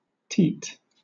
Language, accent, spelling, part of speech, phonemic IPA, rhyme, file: English, Southern England, teat, noun, /tiːt/, -iːt, LL-Q1860 (eng)-teat.wav
- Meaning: 1. The projection of a mammary gland from which, on female therian mammals, milk is secreted 2. Something resembling a teat, such as a small protuberance or nozzle